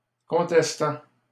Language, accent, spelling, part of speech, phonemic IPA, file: French, Canada, contestant, verb, /kɔ̃.tɛs.tɑ̃/, LL-Q150 (fra)-contestant.wav
- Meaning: present participle of contester